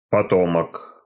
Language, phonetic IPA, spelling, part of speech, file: Russian, [pɐˈtomək], потомок, noun, Ru-потомок.ogg
- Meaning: descendant, offspring, progeny, scion